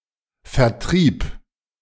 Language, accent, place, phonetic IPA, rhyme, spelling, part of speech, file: German, Germany, Berlin, [fɛɐ̯ˈtʁiːp], -iːp, vertrieb, verb, De-vertrieb.ogg
- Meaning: first/third-person singular preterite of vertreiben